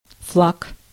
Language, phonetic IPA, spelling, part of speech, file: Russian, [fɫak], флаг, noun, Ru-флаг.ogg
- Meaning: 1. flag, banner 2. flag